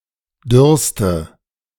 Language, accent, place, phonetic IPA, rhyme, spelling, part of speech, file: German, Germany, Berlin, [ˈdʏʁstə], -ʏʁstə, dürrste, adjective, De-dürrste.ogg
- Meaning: inflection of dürr: 1. strong/mixed nominative/accusative feminine singular superlative degree 2. strong nominative/accusative plural superlative degree